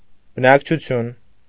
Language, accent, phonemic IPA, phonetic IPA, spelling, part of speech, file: Armenian, Eastern Armenian, /bənɑkt͡ʃʰuˈtʰjun/, [bənɑkt͡ʃʰut͡sʰjún], բնակչություն, noun, Hy-բնակչություն.ogg
- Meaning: population